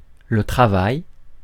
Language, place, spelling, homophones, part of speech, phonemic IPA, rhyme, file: French, Paris, travail, travaille / travaillent / travailles, noun, /tʁa.vaj/, -aj, Fr-travail.ogg
- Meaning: 1. work; labor 2. job 3. workplace